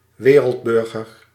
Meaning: cosmopolite, citizen of the world, cosmopolitan
- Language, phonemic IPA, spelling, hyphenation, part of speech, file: Dutch, /ˈʋeː.rəltˌbʏr.ɣər/, wereldburger, we‧reld‧bur‧ger, noun, Nl-wereldburger.ogg